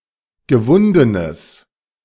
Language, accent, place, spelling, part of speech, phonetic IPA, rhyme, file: German, Germany, Berlin, gewundenes, adjective, [ɡəˈvʊndənəs], -ʊndənəs, De-gewundenes.ogg
- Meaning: strong/mixed nominative/accusative neuter singular of gewunden